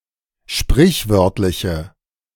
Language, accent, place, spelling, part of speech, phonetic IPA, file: German, Germany, Berlin, sprichwörtliche, adjective, [ˈʃpʁɪçˌvœʁtlɪçə], De-sprichwörtliche.ogg
- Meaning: inflection of sprichwörtlich: 1. strong/mixed nominative/accusative feminine singular 2. strong nominative/accusative plural 3. weak nominative all-gender singular